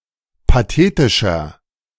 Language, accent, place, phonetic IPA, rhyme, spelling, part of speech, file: German, Germany, Berlin, [paˈteːtɪʃɐ], -eːtɪʃɐ, pathetischer, adjective, De-pathetischer.ogg
- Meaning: 1. comparative degree of pathetisch 2. inflection of pathetisch: strong/mixed nominative masculine singular 3. inflection of pathetisch: strong genitive/dative feminine singular